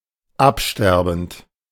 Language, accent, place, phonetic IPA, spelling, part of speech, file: German, Germany, Berlin, [ˈapˌʃtɛʁbn̩t], absterbend, verb, De-absterbend.ogg
- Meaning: present participle of absterben